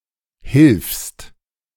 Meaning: second-person singular present of helfen
- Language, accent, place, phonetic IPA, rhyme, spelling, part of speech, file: German, Germany, Berlin, [hɪlfst], -ɪlfst, hilfst, verb, De-hilfst.ogg